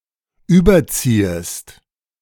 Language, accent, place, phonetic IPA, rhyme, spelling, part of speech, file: German, Germany, Berlin, [ˈyːbɐˌt͡siːəst], -iːəst, überziehest, verb, De-überziehest.ogg
- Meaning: second-person singular subjunctive I of überziehen